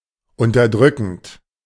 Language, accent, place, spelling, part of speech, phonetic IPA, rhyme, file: German, Germany, Berlin, unterdrückend, verb, [ʊntɐˈdʁʏkn̩t], -ʏkn̩t, De-unterdrückend.ogg
- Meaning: present participle of unterdrücken